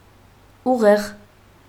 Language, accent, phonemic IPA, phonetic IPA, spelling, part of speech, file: Armenian, Eastern Armenian, /uˈʁeʁ/, [uʁéʁ], ուղեղ, noun, Hy-ուղեղ.ogg
- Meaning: 1. brain 2. mind, intellect